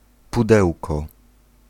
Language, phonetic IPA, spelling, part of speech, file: Polish, [puˈdɛwkɔ], pudełko, noun, Pl-pudełko.ogg